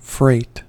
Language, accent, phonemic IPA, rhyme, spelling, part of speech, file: English, General American, /fɹeɪt/, -eɪt, freight, noun / verb / adjective, En-us-freight.ogg
- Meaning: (noun) The transportation of goods (originally by water; now also (chiefly US) by land); also, the hiring of a vehicle or vessel for such transportation